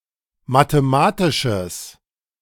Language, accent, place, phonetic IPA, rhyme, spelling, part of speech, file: German, Germany, Berlin, [mateˈmaːtɪʃəs], -aːtɪʃəs, mathematisches, adjective, De-mathematisches.ogg
- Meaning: strong/mixed nominative/accusative neuter singular of mathematisch